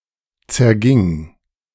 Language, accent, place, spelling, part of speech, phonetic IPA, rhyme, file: German, Germany, Berlin, zerging, verb, [t͡sɛɐ̯ˈɡɪŋ], -ɪŋ, De-zerging.ogg
- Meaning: first/third-person singular preterite of zergehen